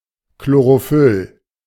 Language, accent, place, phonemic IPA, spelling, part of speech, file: German, Germany, Berlin, /kloʁoˈfʏl/, Chlorophyll, noun, De-Chlorophyll.ogg
- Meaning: chlorophyll (green pigment)